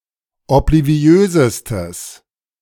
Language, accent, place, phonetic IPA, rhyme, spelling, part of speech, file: German, Germany, Berlin, [ɔpliˈvi̯øːzəstəs], -øːzəstəs, obliviösestes, adjective, De-obliviösestes.ogg
- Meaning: strong/mixed nominative/accusative neuter singular superlative degree of obliviös